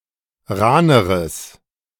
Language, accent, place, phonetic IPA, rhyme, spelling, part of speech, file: German, Germany, Berlin, [ˈʁaːnəʁəs], -aːnəʁəs, rahneres, adjective, De-rahneres.ogg
- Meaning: strong/mixed nominative/accusative neuter singular comparative degree of rahn